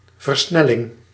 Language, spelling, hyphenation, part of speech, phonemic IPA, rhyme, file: Dutch, versnelling, ver‧snel‧ling, noun, /vərˈsnɛ.lɪŋ/, -ɛlɪŋ, Nl-versnelling.ogg
- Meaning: 1. acceleration (act, state) 2. gear (gearbox of a car or bicycle)